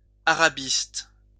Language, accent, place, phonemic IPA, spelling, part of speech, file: French, France, Lyon, /a.ʁa.bist/, arabiste, noun, LL-Q150 (fra)-arabiste.wav
- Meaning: Arabist